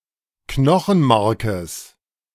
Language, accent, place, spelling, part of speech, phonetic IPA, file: German, Germany, Berlin, Knochenmarkes, noun, [ˈknɔxn̩ˌmaʁkəs], De-Knochenmarkes.ogg
- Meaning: genitive singular of Knochenmark